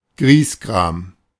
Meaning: grumpy, ill-tempered person
- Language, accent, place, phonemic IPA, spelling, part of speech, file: German, Germany, Berlin, /ˈɡʁiːsˌɡʁaːm/, Griesgram, noun, De-Griesgram.ogg